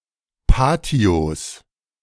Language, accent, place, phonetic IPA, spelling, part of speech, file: German, Germany, Berlin, [ˈpaːti̯os], Patios, noun, De-Patios.ogg
- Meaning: plural of Patio